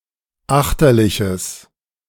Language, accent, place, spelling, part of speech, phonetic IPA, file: German, Germany, Berlin, achterliches, adjective, [ˈaxtɐlɪçəs], De-achterliches.ogg
- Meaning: strong/mixed nominative/accusative neuter singular of achterlich